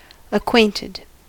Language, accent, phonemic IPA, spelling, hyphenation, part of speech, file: English, US, /əˈkweɪntɪd/, acquainted, ac‧quaint‧ed, adjective / verb, En-us-acquainted.ogg
- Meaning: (adjective) Personally known; familiar; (verb) simple past and past participle of acquaint